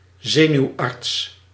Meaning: neurologist
- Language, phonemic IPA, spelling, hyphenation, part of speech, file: Dutch, /ˈzeː.nyu̯ˌɑrts/, zenuwarts, ze‧nuw‧arts, noun, Nl-zenuwarts.ogg